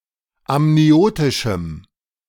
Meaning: strong dative masculine/neuter singular of amniotisch
- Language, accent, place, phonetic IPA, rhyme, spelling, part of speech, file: German, Germany, Berlin, [amniˈoːtɪʃm̩], -oːtɪʃm̩, amniotischem, adjective, De-amniotischem.ogg